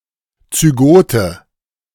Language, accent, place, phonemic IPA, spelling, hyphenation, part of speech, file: German, Germany, Berlin, /t͡syˈɡoːtə/, Zygote, Zy‧go‧te, noun, De-Zygote.ogg
- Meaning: zygote (fertilised egg cell)